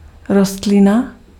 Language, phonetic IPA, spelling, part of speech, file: Czech, [ˈrostlɪna], rostlina, noun, Cs-rostlina.ogg
- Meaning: plant